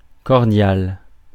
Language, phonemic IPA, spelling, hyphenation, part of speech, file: French, /kɔʁ.djal/, cordial, cor‧dial, adjective / noun, Fr-cordial.ogg
- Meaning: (adjective) 1. stimulating the heart; tonic 2. coming from the heart; sincere 3. amiable; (noun) 1. cordial 2. stimulant